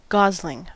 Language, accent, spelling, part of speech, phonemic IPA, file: English, US, gosling, noun, /ˈɡɑzlɪŋ/, En-us-gosling.ogg
- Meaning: 1. A young goose 2. An inexperienced and immature, or foolish and naive, young person 3. A catkin on willows, nut trees, and pines